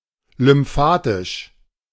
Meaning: lymphatic
- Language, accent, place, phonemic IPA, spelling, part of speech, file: German, Germany, Berlin, /lʏmˈfaːtɪʃ/, lymphatisch, adjective, De-lymphatisch.ogg